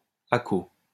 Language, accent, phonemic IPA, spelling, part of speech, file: French, France, /a.ko/, accot, noun, LL-Q150 (fra)-accot.wav
- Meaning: 1. fireproof shim used to keep items vertical during firing 2. mulch